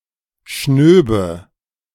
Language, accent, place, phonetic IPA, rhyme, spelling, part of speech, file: German, Germany, Berlin, [ˈʃnøːbə], -øːbə, schnöbe, verb, De-schnöbe.ogg
- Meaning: first/third-person singular subjunctive II of schnauben